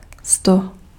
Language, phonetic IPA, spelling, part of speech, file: Czech, [ˈsto], sto, noun, Cs-sto.ogg
- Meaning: hundred (100)